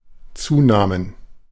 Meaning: plural of Zunahme
- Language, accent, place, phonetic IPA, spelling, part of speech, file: German, Germany, Berlin, [ˈt͡suːˌnaːmən], Zunahmen, noun, De-Zunahmen.ogg